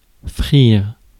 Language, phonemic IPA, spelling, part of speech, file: French, /fʁiʁ/, frire, verb, Fr-frire.ogg
- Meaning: to fry (to cook in hot fat)